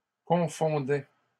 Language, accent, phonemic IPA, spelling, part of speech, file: French, Canada, /kɔ̃.fɔ̃.dɛ/, confondaient, verb, LL-Q150 (fra)-confondaient.wav
- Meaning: third-person plural imperfect indicative of confondre